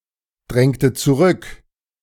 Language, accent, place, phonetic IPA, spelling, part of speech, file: German, Germany, Berlin, [ˌdʁɛŋtə t͡suˈʁʏk], drängte zurück, verb, De-drängte zurück.ogg
- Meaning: inflection of zurückdrängen: 1. first/third-person singular preterite 2. first/third-person singular subjunctive II